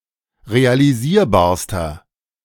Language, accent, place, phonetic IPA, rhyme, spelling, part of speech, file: German, Germany, Berlin, [ʁealiˈziːɐ̯baːɐ̯stɐ], -iːɐ̯baːɐ̯stɐ, realisierbarster, adjective, De-realisierbarster.ogg
- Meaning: inflection of realisierbar: 1. strong/mixed nominative masculine singular superlative degree 2. strong genitive/dative feminine singular superlative degree 3. strong genitive plural superlative degree